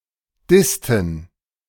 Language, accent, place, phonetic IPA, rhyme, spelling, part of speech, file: German, Germany, Berlin, [ˈdɪstn̩], -ɪstn̩, dissten, verb, De-dissten.ogg
- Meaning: inflection of dissen: 1. first/third-person plural preterite 2. first/third-person plural subjunctive II